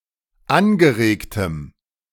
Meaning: strong dative masculine/neuter singular of angeregt
- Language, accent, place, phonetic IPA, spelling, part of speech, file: German, Germany, Berlin, [ˈanɡəˌʁeːktəm], angeregtem, adjective, De-angeregtem.ogg